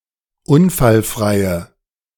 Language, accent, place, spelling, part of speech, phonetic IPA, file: German, Germany, Berlin, unfallfreie, adjective, [ˈʊnfalˌfʁaɪ̯ə], De-unfallfreie.ogg
- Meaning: inflection of unfallfrei: 1. strong/mixed nominative/accusative feminine singular 2. strong nominative/accusative plural 3. weak nominative all-gender singular